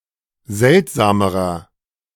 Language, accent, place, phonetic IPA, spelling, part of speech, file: German, Germany, Berlin, [ˈzɛltzaːməʁɐ], seltsamerer, adjective, De-seltsamerer.ogg
- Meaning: inflection of seltsam: 1. strong/mixed nominative masculine singular comparative degree 2. strong genitive/dative feminine singular comparative degree 3. strong genitive plural comparative degree